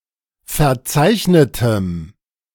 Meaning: strong dative masculine/neuter singular of verzeichnet
- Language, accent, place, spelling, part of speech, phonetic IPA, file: German, Germany, Berlin, verzeichnetem, adjective, [fɛɐ̯ˈt͡saɪ̯çnətəm], De-verzeichnetem.ogg